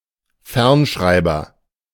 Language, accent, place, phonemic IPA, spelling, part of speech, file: German, Germany, Berlin, /ˈfɛʁnˌʃʁaɪ̯bɐ/, Fernschreiber, noun, De-Fernschreiber.ogg
- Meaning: 1. teletype, ticker 2. telegraph